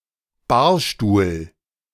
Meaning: bar chair, bar stool (a tall chair-like seat usually having a foot rest, commonly placed in bars)
- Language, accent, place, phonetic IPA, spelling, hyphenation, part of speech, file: German, Germany, Berlin, [ˈbaːɐ̯ˌʃtuːl], Barstuhl, Bar‧stuhl, noun, De-Barstuhl.ogg